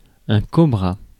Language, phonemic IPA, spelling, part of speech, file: French, /kɔ.bʁa/, cobra, noun, Fr-cobra.ogg
- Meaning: cobra (snake)